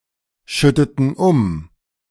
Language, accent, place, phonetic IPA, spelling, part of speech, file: German, Germany, Berlin, [ˌʃʏtətn̩ ˈʊm], schütteten um, verb, De-schütteten um.ogg
- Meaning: inflection of umschütten: 1. first/third-person plural preterite 2. first/third-person plural subjunctive II